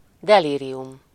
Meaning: delirium
- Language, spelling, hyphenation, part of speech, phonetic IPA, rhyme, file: Hungarian, delírium, de‧lí‧ri‧um, noun, [ˈdɛliːrijum], -um, Hu-delírium.ogg